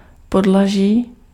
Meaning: storey, story, floor, level
- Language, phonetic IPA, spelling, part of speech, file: Czech, [ˈpodlaʒiː], podlaží, noun, Cs-podlaží.ogg